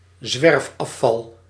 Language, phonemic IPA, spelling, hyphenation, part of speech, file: Dutch, /ˈzʋɛrf.ɑˌfɑl/, zwerfafval, zwerf‧af‧val, noun, Nl-zwerfafval.ogg
- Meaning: litter (stray rubbish)